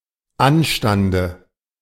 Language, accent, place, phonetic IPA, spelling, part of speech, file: German, Germany, Berlin, [ˈanʃtandə], Anstande, noun, De-Anstande.ogg
- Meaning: dative singular of Anstand